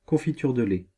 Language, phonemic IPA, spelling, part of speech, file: French, /kɔ̃.fi.tyʁ də lɛ/, confiture de lait, noun, Fr-confiture de lait.ogg
- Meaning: dulce de leche (sweat dairy spread)